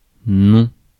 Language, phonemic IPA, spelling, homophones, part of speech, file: French, /nɔ̃/, non, nom / noms / nons, adverb / conjunction / noun / interjection, Fr-non.ogg
- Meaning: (adverb) no; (conjunction) not; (noun) a no, a negative response; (interjection) no!